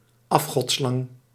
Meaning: 1. boa, any of the Boidae 2. boa constrictor
- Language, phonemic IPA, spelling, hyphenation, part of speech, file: Dutch, /ˈɑf.xɔtˌslɑŋ/, afgodslang, af‧god‧slang, noun, Nl-afgodslang.ogg